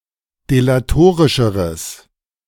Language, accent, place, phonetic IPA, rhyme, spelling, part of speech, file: German, Germany, Berlin, [delaˈtoːʁɪʃəʁəs], -oːʁɪʃəʁəs, delatorischeres, adjective, De-delatorischeres.ogg
- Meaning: strong/mixed nominative/accusative neuter singular comparative degree of delatorisch